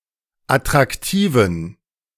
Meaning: inflection of attraktiv: 1. strong genitive masculine/neuter singular 2. weak/mixed genitive/dative all-gender singular 3. strong/weak/mixed accusative masculine singular 4. strong dative plural
- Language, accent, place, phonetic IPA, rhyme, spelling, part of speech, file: German, Germany, Berlin, [atʁakˈtiːvn̩], -iːvn̩, attraktiven, adjective, De-attraktiven.ogg